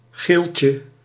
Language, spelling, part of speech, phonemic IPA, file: Dutch, geeltje, noun, /ˈɣelcə/, Nl-geeltje.ogg
- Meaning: 1. a 25 guilder banknote 2. post-it note